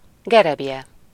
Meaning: rake (garden tool)
- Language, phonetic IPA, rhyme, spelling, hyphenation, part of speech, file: Hungarian, [ˈɡɛrɛbjɛ], -jɛ, gereblye, ge‧reb‧lye, noun, Hu-gereblye.ogg